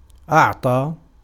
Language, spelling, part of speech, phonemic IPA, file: Arabic, أعطى, verb, /ʔaʕ.tˤaː/, Ar-أعطى.ogg
- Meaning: to give